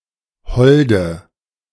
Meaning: inflection of hold: 1. strong/mixed nominative/accusative feminine singular 2. strong nominative/accusative plural 3. weak nominative all-gender singular 4. weak accusative feminine/neuter singular
- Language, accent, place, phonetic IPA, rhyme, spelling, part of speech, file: German, Germany, Berlin, [ˈhɔldə], -ɔldə, holde, adjective, De-holde.ogg